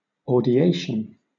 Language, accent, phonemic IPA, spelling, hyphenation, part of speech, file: English, Southern England, /ɔːdɪˈeɪʃən/, audiation, au‧di‧a‧tion, noun, LL-Q1860 (eng)-audiation.wav
- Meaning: The comprehension and internal realization of music by an individual in the absence of any physical sound